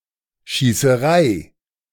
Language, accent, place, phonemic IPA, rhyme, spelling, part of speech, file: German, Germany, Berlin, /ʃiːsəˈʁaɪ̯/, -aɪ̯, Schießerei, noun, De-Schießerei.ogg
- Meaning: shootout, gunfight